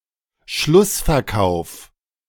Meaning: end-of-season sale
- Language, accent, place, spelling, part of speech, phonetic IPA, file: German, Germany, Berlin, Schlussverkauf, noun, [ˈʃlʊsfɛɐ̯ˌkaʊ̯f], De-Schlussverkauf.ogg